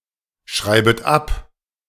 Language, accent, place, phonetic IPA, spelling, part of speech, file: German, Germany, Berlin, [ˌʃʁaɪ̯bət ˈap], schreibet ab, verb, De-schreibet ab.ogg
- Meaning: second-person plural subjunctive I of abschreiben